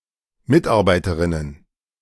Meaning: plural of Mitarbeiterin
- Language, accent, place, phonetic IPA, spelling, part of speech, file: German, Germany, Berlin, [ˈmɪtˌʔaʁbaɪ̯təʁɪnən], Mitarbeiterinnen, noun, De-Mitarbeiterinnen.ogg